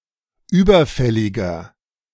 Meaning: inflection of überfällig: 1. strong/mixed nominative masculine singular 2. strong genitive/dative feminine singular 3. strong genitive plural
- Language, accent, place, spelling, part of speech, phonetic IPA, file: German, Germany, Berlin, überfälliger, adjective, [ˈyːbɐˌfɛlɪɡɐ], De-überfälliger.ogg